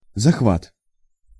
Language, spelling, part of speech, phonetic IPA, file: Russian, захват, noun, [zɐxˈvat], Ru-захват.ogg
- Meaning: 1. seizure, capture, taking, take, takeover 2. usurpation 3. pincher 4. clench, clinch, clutch, hold